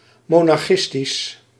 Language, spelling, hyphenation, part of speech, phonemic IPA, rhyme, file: Dutch, monarchistisch, mo‧nar‧chis‧tisch, adjective, /ˌmoː.nɑrˈxɪs.tis/, -ɪstis, Nl-monarchistisch.ogg
- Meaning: monarchist